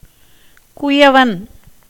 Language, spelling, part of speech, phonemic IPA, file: Tamil, குயவன், noun, /kʊjɐʋɐn/, Ta-குயவன்.ogg
- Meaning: potter